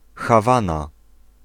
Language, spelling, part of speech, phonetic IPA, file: Polish, Hawana, proper noun, [xaˈvãna], Pl-Hawana.ogg